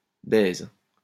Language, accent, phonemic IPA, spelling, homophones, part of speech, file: French, France, /bɛz/, baise, baises / baisent, noun / verb, LL-Q150 (fra)-baise.wav
- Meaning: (noun) 1. kiss 2. fuck, fucking (sexual intercourse); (verb) inflection of baiser: 1. first/third-person singular present indicative/subjunctive 2. second-person singular imperative